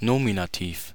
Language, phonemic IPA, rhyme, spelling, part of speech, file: German, /ˈnoːminaˌtiːf/, -iːf, Nominativ, noun, De-Nominativ.ogg
- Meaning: the nominative case